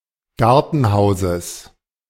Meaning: genitive singular of Gartenhaus
- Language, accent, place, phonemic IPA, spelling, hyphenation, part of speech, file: German, Germany, Berlin, /ˈɡaʁtənˌhaʊ̯zəs/, Gartenhauses, Gar‧ten‧hau‧ses, noun, De-Gartenhauses.ogg